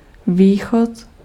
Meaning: 1. exit (from a building) 2. east 3. sunrise
- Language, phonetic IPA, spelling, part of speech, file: Czech, [ˈviːxot], východ, noun, Cs-východ.ogg